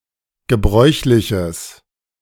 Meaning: strong/mixed nominative/accusative neuter singular of gebräuchlich
- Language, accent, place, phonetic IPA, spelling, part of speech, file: German, Germany, Berlin, [ɡəˈbʁɔɪ̯çlɪçəs], gebräuchliches, adjective, De-gebräuchliches.ogg